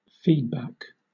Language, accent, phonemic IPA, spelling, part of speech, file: English, Southern England, /ˈfiːdˌbæk/, feedback, noun / verb, LL-Q1860 (eng)-feedback.wav
- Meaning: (noun) 1. Critical assessment of a process or activity or of their results 2. The part of an output signal that is looped back into the input to control or modify a system